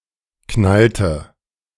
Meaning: inflection of knallen: 1. first/third-person singular preterite 2. first/third-person singular subjunctive II
- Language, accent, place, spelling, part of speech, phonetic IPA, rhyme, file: German, Germany, Berlin, knallte, verb, [ˈknaltə], -altə, De-knallte.ogg